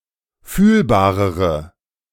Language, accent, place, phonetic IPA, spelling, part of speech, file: German, Germany, Berlin, [ˈfyːlbaːʁəʁə], fühlbarere, adjective, De-fühlbarere.ogg
- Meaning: inflection of fühlbar: 1. strong/mixed nominative/accusative feminine singular comparative degree 2. strong nominative/accusative plural comparative degree